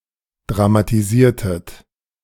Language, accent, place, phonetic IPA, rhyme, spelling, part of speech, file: German, Germany, Berlin, [dʁamatiˈziːɐ̯tət], -iːɐ̯tət, dramatisiertet, verb, De-dramatisiertet.ogg
- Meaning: inflection of dramatisieren: 1. second-person plural preterite 2. second-person plural subjunctive II